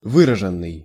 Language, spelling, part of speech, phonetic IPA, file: Russian, выраженный, verb / adjective, [ˈvɨrəʐɨn(ː)ɨj], Ru-выраженный.ogg
- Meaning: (verb) past passive perfective participle of вы́разить (výrazitʹ); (adjective) expressed, pronounced, distinct